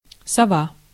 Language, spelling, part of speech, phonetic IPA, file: Russian, сова, noun, [sɐˈva], Ru-сова.ogg
- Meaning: 1. owl 2. night person, night owl